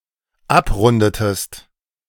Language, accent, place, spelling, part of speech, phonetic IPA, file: German, Germany, Berlin, abrundetest, verb, [ˈapˌʁʊndətəst], De-abrundetest.ogg
- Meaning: inflection of abrunden: 1. second-person singular dependent preterite 2. second-person singular dependent subjunctive II